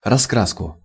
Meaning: accusative singular of раскра́ска (raskráska)
- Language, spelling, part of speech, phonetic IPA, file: Russian, раскраску, noun, [rɐˈskraskʊ], Ru-раскраску.ogg